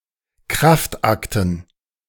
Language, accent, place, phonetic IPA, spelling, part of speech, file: German, Germany, Berlin, [ˈkʁaftˌʔaktn̩], Kraftakten, noun, De-Kraftakten.ogg
- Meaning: dative plural of Kraftakt